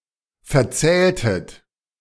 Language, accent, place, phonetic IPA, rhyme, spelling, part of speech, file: German, Germany, Berlin, [fɛɐ̯ˈt͡sɛːltət], -ɛːltət, verzähltet, verb, De-verzähltet.ogg
- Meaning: inflection of verzählen: 1. second-person plural preterite 2. second-person plural subjunctive II